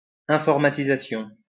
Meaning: 1. computerization 2. informatization
- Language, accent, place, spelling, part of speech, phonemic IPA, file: French, France, Lyon, informatisation, noun, /ɛ̃.fɔʁ.ma.ti.za.sjɔ̃/, LL-Q150 (fra)-informatisation.wav